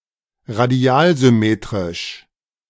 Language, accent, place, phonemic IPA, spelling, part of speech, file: German, Germany, Berlin, /ʁaˈdi̯aːlzʏˌmeːtʁɪʃ/, radialsymmetrisch, adjective, De-radialsymmetrisch.ogg
- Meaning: radially-symmetric